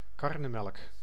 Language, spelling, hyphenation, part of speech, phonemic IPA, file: Dutch, karnemelk, kar‧ne‧melk, noun, /ˈkɑr.nəˌmɛlk/, Nl-karnemelk.ogg
- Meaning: traditional buttermilk